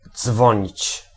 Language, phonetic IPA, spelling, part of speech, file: Polish, [ˈd͡zvɔ̃ɲit͡ɕ], dzwonić, verb, Pl-dzwonić.ogg